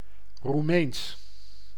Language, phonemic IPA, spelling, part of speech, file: Dutch, /ruˈmeːns/, Roemeens, adjective / proper noun, Nl-Roemeens.ogg
- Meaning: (adjective) Romanian; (proper noun) Romanian (language)